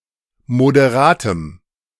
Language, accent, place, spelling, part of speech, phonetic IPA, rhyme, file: German, Germany, Berlin, moderatem, adjective, [modeˈʁaːtəm], -aːtəm, De-moderatem.ogg
- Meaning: strong dative masculine/neuter singular of moderat